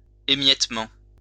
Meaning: 1. crumbling (e.g. of bread, forming into crumbs) 2. eating away, erosion
- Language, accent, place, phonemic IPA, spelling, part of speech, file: French, France, Lyon, /e.mjɛt.mɑ̃/, émiettement, noun, LL-Q150 (fra)-émiettement.wav